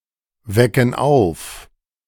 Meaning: inflection of aufwecken: 1. first/third-person plural present 2. first/third-person plural subjunctive I
- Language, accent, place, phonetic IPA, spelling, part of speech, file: German, Germany, Berlin, [ˌvɛkn̩ ˈaʊ̯f], wecken auf, verb, De-wecken auf.ogg